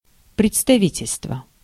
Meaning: representation, representative office
- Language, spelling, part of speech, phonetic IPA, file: Russian, представительство, noun, [prʲɪt͡stɐˈvʲitʲɪlʲstvə], Ru-представительство.ogg